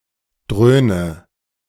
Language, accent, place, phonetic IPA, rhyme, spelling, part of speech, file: German, Germany, Berlin, [ˈdʁøːnə], -øːnə, dröhne, verb, De-dröhne.ogg
- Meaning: inflection of dröhnen: 1. first-person singular present 2. first/third-person singular subjunctive I 3. singular imperative